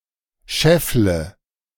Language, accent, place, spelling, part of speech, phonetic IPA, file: German, Germany, Berlin, scheffle, verb, [ˈʃɛflə], De-scheffle.ogg
- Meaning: inflection of scheffeln: 1. first-person singular present 2. first/third-person singular subjunctive I 3. singular imperative